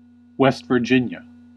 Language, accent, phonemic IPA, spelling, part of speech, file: English, US, /ˈwɛst vɚˈdʒɪn.jə/, West Virginia, proper noun, En-us-West Virginia.ogg
- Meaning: A state of the United States. Capital and largest city: Charleston